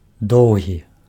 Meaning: long
- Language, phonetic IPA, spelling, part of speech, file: Belarusian, [ˈdou̯ɣʲi], доўгі, adjective, Be-доўгі.ogg